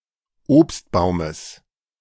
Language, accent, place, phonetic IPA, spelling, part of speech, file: German, Germany, Berlin, [ˈoːpstˌbaʊ̯məs], Obstbaumes, noun, De-Obstbaumes.ogg
- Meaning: genitive singular of Obstbaum